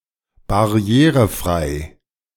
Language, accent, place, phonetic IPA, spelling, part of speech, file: German, Germany, Berlin, [baˈʁi̯eːʁəˌfʁaɪ̯ə], barrierefreie, adjective, De-barrierefreie.ogg
- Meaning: inflection of barrierefrei: 1. strong/mixed nominative/accusative feminine singular 2. strong nominative/accusative plural 3. weak nominative all-gender singular